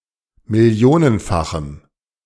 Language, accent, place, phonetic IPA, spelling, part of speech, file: German, Germany, Berlin, [mɪˈli̯oːnənˌfaxm̩], millionenfachem, adjective, De-millionenfachem.ogg
- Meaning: strong dative masculine/neuter singular of millionenfach